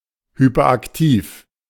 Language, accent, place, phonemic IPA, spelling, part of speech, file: German, Germany, Berlin, /ˌhypɐˈʔaktiːf/, hyperaktiv, adjective, De-hyperaktiv.ogg
- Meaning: hyperactive